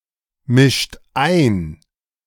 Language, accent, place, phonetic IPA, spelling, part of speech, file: German, Germany, Berlin, [ˌmɪʃt ˈaɪ̯n], mischt ein, verb, De-mischt ein.ogg
- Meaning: inflection of einmischen: 1. second-person plural present 2. third-person singular present 3. plural imperative